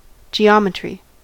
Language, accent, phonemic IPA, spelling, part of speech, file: English, US, /d͡ʒiˈɑ.mə.tɹi/, geometry, noun, En-us-geometry.ogg
- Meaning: The branch of mathematics dealing with spatial relationships